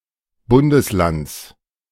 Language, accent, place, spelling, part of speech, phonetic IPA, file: German, Germany, Berlin, Bundeslands, noun, [ˈbʊndəsˌlant͡s], De-Bundeslands.ogg
- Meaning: genitive singular of Bundesland